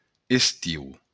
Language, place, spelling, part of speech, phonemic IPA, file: Occitan, Béarn, estiu, noun, /esˈtiw/, LL-Q14185 (oci)-estiu.wav
- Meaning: summer